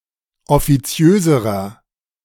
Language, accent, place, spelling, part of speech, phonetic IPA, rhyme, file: German, Germany, Berlin, offiziöserer, adjective, [ɔfiˈt͡si̯øːzəʁɐ], -øːzəʁɐ, De-offiziöserer.ogg
- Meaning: inflection of offiziös: 1. strong/mixed nominative masculine singular comparative degree 2. strong genitive/dative feminine singular comparative degree 3. strong genitive plural comparative degree